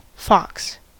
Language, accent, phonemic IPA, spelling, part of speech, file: English, US, /fɑks/, fox, noun / verb, En-us-fox.ogg